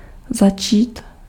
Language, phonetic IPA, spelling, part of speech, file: Czech, [ˈzat͡ʃiːt], začít, verb, Cs-začít.ogg
- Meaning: to begin, to start